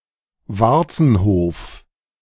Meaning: areola
- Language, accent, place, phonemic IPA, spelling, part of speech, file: German, Germany, Berlin, /ˈvartsn̩hoːf/, Warzenhof, noun, De-Warzenhof.ogg